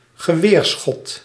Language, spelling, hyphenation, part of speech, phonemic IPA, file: Dutch, geweerschot, ge‧weer‧schot, noun, /ɣəˈʋeːrˌsxɔt/, Nl-geweerschot.ogg
- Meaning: a rifle shot, a gunshot (shot fired by a long-barrelled, (semi)portable gun)